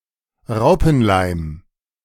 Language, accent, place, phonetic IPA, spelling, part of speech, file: German, Germany, Berlin, [ˈʁaʊ̯pn̩ˌlaɪ̯m], Raupenleim, noun, De-Raupenleim.ogg